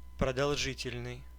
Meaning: 1. long 2. prolonged, extended 3. protracted (of sound)
- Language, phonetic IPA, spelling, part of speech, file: Russian, [prədɐɫˈʐɨtʲɪlʲnɨj], продолжительный, adjective, Ru-продолжительный.ogg